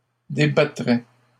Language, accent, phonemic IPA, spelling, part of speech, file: French, Canada, /de.ba.tʁɛ/, débattraient, verb, LL-Q150 (fra)-débattraient.wav
- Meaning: third-person plural conditional of débattre